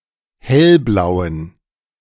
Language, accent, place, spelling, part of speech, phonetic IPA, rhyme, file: German, Germany, Berlin, hellblauen, adjective, [ˈhɛlˌblaʊ̯ən], -ɛlblaʊ̯ən, De-hellblauen.ogg
- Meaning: inflection of hellblau: 1. strong genitive masculine/neuter singular 2. weak/mixed genitive/dative all-gender singular 3. strong/weak/mixed accusative masculine singular 4. strong dative plural